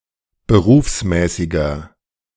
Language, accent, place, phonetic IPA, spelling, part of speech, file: German, Germany, Berlin, [bəˈʁuːfsˌmɛːsɪɡɐ], berufsmäßiger, adjective, De-berufsmäßiger.ogg
- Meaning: inflection of berufsmäßig: 1. strong/mixed nominative masculine singular 2. strong genitive/dative feminine singular 3. strong genitive plural